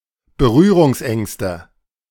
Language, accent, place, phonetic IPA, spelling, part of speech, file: German, Germany, Berlin, [bəˈʁyːʁʊŋsˌʔɛŋstə], Berührungsängste, noun, De-Berührungsängste.ogg
- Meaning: nominative/accusative/genitive plural of Berührungsangst